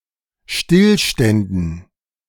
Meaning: dative plural of Stillstand
- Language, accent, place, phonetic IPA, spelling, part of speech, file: German, Germany, Berlin, [ˈʃtɪlˌʃtɛndn̩], Stillständen, noun, De-Stillständen.ogg